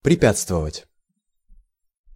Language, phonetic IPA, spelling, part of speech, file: Russian, [prʲɪˈpʲat͡stvəvətʲ], препятствовать, verb, Ru-препятствовать.ogg
- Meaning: to hinder, to prevent, to prohibit, to impede, to put obstacles